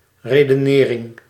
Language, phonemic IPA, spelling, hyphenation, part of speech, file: Dutch, /ˌredəˈnɪːrɪŋ/, redenering, re‧de‧ne‧ring, noun, Nl-redenering.ogg
- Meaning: reasoning